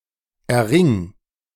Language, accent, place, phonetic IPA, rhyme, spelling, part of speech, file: German, Germany, Berlin, [ɛɐ̯ˈʁɪŋ], -ɪŋ, erring, verb, De-erring.ogg
- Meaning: singular imperative of erringen